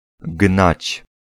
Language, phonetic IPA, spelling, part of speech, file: Polish, [ɡnat͡ɕ], gnać, verb, Pl-gnać.ogg